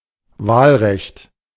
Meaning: 1. right to vote, suffrage 2. electoral law
- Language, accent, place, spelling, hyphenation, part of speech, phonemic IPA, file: German, Germany, Berlin, Wahlrecht, Wahl‧recht, noun, /ˈvaːlˌʁɛçt/, De-Wahlrecht.ogg